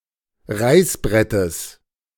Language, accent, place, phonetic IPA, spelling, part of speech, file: German, Germany, Berlin, [ˈʁaɪ̯sˌbʁɛtəs], Reißbrettes, noun, De-Reißbrettes.ogg
- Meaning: genitive of Reißbrett